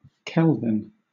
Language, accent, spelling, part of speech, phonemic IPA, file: English, Southern England, kelvin, noun, /ˈkɛlvɪn/, LL-Q1860 (eng)-kelvin.wav
- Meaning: In the International System of Units, the base unit of thermodynamic temperature; ¹⁄_(273.16) of the thermodynamic temperature of the triple point of water